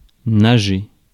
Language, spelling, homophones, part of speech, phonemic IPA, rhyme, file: French, nager, nagé / nageai / nagée / nagées / nagés / nagez, verb, /na.ʒe/, -e, Fr-nager.ogg
- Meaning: to swim